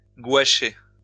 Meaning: to paint with gouache
- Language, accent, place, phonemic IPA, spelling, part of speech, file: French, France, Lyon, /ɡwa.ʃe/, gouacher, verb, LL-Q150 (fra)-gouacher.wav